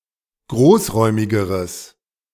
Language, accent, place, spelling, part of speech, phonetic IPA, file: German, Germany, Berlin, großräumigeres, adjective, [ˈɡʁoːsˌʁɔɪ̯mɪɡəʁəs], De-großräumigeres.ogg
- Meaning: strong/mixed nominative/accusative neuter singular comparative degree of großräumig